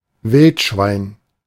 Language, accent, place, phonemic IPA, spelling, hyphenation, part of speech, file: German, Germany, Berlin, /ˈvɪltʃvaɪ̯n/, Wildschwein, Wild‧schwein, noun, De-Wildschwein.ogg
- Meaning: razorback, wild boar, wild hog